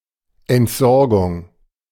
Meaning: disposal
- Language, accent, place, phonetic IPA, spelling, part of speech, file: German, Germany, Berlin, [ɛntˈzɔʁɡʊŋ], Entsorgung, noun, De-Entsorgung.ogg